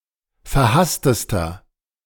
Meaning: inflection of verhasst: 1. strong/mixed nominative masculine singular superlative degree 2. strong genitive/dative feminine singular superlative degree 3. strong genitive plural superlative degree
- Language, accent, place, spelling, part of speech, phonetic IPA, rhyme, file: German, Germany, Berlin, verhasstester, adjective, [fɛɐ̯ˈhastəstɐ], -astəstɐ, De-verhasstester.ogg